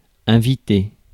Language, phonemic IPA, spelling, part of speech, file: French, /ɛ̃.vi.te/, inviter, verb, Fr-inviter.ogg
- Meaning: to invite